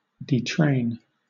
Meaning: 1. To exit from a train; to disembark 2. To remove (a passenger or passengers) from a train; to evacuate (passengers) from a train
- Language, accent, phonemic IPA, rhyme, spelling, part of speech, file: English, Southern England, /ˈdi.tɹeɪn/, -eɪn, detrain, verb, LL-Q1860 (eng)-detrain.wav